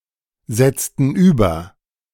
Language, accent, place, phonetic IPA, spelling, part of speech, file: German, Germany, Berlin, [ˌzɛt͡stn̩ ˈyːbɐ], setzten über, verb, De-setzten über.ogg
- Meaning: inflection of übersetzen: 1. first/third-person plural preterite 2. first/third-person plural subjunctive II